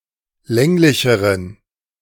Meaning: inflection of länglich: 1. strong genitive masculine/neuter singular comparative degree 2. weak/mixed genitive/dative all-gender singular comparative degree
- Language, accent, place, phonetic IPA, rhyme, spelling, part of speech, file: German, Germany, Berlin, [ˈlɛŋlɪçəʁən], -ɛŋlɪçəʁən, länglicheren, adjective, De-länglicheren.ogg